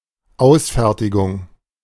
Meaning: copy, executed copy
- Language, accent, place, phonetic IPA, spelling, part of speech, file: German, Germany, Berlin, [ˈaʊ̯sˌfɛʁtɪɡʊŋ], Ausfertigung, noun, De-Ausfertigung.ogg